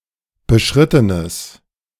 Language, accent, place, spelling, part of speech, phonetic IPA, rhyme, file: German, Germany, Berlin, beschrittenes, adjective, [bəˈʃʁɪtənəs], -ɪtənəs, De-beschrittenes.ogg
- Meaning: strong/mixed nominative/accusative neuter singular of beschritten